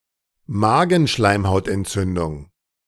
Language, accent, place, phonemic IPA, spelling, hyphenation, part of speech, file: German, Germany, Berlin, /ˈmaːɡn̩ʃlaɪ̯mhaʊ̯tʔɛntˌt͡sʏndʊŋ/, Magenschleimhautentzündung, Ma‧gen‧schleim‧haut‧ent‧zün‧dung, noun, De-Magenschleimhautentzündung.ogg
- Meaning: gastritis